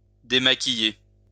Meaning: to remove makeup
- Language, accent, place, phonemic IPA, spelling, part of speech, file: French, France, Lyon, /de.ma.ki.je/, démaquiller, verb, LL-Q150 (fra)-démaquiller.wav